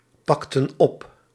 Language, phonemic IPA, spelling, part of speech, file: Dutch, /ˈpɑktə(n) ˈɔp/, pakten op, verb, Nl-pakten op.ogg
- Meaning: inflection of oppakken: 1. plural past indicative 2. plural past subjunctive